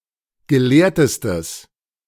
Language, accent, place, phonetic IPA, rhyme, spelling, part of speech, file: German, Germany, Berlin, [ɡəˈleːɐ̯təstəs], -eːɐ̯təstəs, gelehrtestes, adjective, De-gelehrtestes.ogg
- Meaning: strong/mixed nominative/accusative neuter singular superlative degree of gelehrt